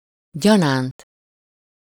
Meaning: as, by way of, serving as, so it serves as
- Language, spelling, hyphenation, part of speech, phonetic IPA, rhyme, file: Hungarian, gyanánt, gya‧nánt, postposition, [ˈɟɒnaːnt], -aːnt, Hu-gyanánt.ogg